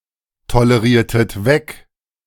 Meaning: inflection of wegtolerieren: 1. second-person plural preterite 2. second-person plural subjunctive II
- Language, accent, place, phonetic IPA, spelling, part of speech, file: German, Germany, Berlin, [toləˌʁiːɐ̯tət ˈvɛk], toleriertet weg, verb, De-toleriertet weg.ogg